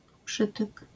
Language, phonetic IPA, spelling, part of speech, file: Polish, [ˈpʃɨtɨk], przytyk, noun, LL-Q809 (pol)-przytyk.wav